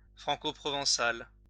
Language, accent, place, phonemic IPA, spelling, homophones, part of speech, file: French, France, Lyon, /fʁɑ̃.ko.pʁɔ.vɑ̃.sal/, francoprovençal, franco-provençal / franco-provençale / francoprovençale / franco-provençales / francoprovençales, adjective / proper noun, LL-Q150 (fra)-francoprovençal.wav
- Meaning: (adjective) alternative form of franco-provençal